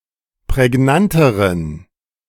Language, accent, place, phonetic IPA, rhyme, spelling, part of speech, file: German, Germany, Berlin, [pʁɛˈɡnantəʁən], -antəʁən, prägnanteren, adjective, De-prägnanteren.ogg
- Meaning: inflection of prägnant: 1. strong genitive masculine/neuter singular comparative degree 2. weak/mixed genitive/dative all-gender singular comparative degree